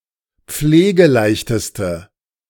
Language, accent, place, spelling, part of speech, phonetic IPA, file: German, Germany, Berlin, pflegeleichteste, adjective, [ˈp͡fleːɡəˌlaɪ̯çtəstə], De-pflegeleichteste.ogg
- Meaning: inflection of pflegeleicht: 1. strong/mixed nominative/accusative feminine singular superlative degree 2. strong nominative/accusative plural superlative degree